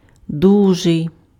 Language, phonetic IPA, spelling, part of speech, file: Ukrainian, [ˈduʒei̯], дужий, adjective, Uk-дужий.ogg
- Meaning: 1. powerful, strong 2. big